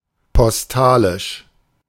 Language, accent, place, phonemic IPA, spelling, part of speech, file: German, Germany, Berlin, /pɔsˈtaːlɪʃ/, postalisch, adjective, De-postalisch.ogg
- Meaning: postal